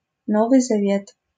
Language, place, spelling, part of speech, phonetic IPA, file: Russian, Saint Petersburg, Новый Завет, proper noun, [ˈnovɨj zɐˈvʲet], LL-Q7737 (rus)-Новый Завет.wav
- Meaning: New Testament